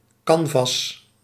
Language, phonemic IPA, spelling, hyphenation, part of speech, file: Dutch, /ˈkɑn.vɑs/, canvas, can‧vas, noun, Nl-canvas.ogg
- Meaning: 1. canvas, sail 2. canvas, fabric used for painting